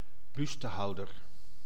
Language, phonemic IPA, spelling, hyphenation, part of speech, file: Dutch, /ˈbys.təˌɦɑu̯.(d)ər/, bustehouder, bus‧te‧hou‧der, noun, Nl-bustehouder.ogg
- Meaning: a bra